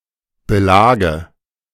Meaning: dative singular of Belag
- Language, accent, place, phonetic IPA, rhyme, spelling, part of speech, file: German, Germany, Berlin, [bəˈlaːɡə], -aːɡə, Belage, noun, De-Belage.ogg